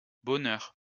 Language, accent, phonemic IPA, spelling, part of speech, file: French, France, /bɔ.nœʁ/, bonheurs, noun, LL-Q150 (fra)-bonheurs.wav
- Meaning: plural of bonheur